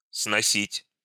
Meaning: 1. to carry down 2. to carry to 3. to pull down, to demolish, to raze 4. to blow off, to blow away (of the wind) 5. to carry away (of water) 6. to tolerate, to endure 7. to cut off
- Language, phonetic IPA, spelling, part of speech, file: Russian, [snɐˈsʲitʲ], сносить, verb, Ru-сносить.ogg